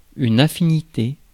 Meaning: 1. affinity (a family relationship through marriage of a relative) 2. affinity
- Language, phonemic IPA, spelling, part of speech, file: French, /a.fi.ni.te/, affinité, noun, Fr-affinité.ogg